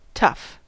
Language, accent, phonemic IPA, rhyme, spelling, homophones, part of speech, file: English, US, /tʌf/, -ʌf, tough, tuff, adjective / interjection / noun / verb, En-us-tough.ogg
- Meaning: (adjective) 1. Of a material, strong and resilient; sturdy 2. Of food, difficult to cut or chew 3. Of a person or animal, rugged or physically hardy